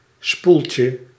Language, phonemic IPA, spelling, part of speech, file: Dutch, /ˈspulcə/, spoeltje, noun, Nl-spoeltje.ogg
- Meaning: diminutive of spoel